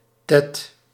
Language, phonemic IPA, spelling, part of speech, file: Dutch, /tɛt/, tet, noun, Nl-tet.ogg
- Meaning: 1. boob; tit 2. teth (Semitic letter)